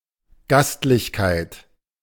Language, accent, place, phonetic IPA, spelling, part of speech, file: German, Germany, Berlin, [ˈɡastlɪçkaɪ̯t], Gastlichkeit, noun, De-Gastlichkeit.ogg
- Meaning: hospitality, conviviality